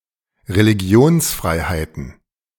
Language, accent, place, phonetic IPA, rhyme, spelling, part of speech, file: German, Germany, Berlin, [ʁeliˈɡi̯oːnsˌfʁaɪ̯haɪ̯tn̩], -oːnsfʁaɪ̯haɪ̯tn̩, Religionsfreiheiten, noun, De-Religionsfreiheiten.ogg
- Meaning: plural of Religionsfreiheit